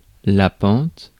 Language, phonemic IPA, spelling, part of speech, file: French, /pɑ̃t/, pente, noun, Fr-pente.ogg
- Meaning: 1. slope 2. gradient 3. inclination, tendency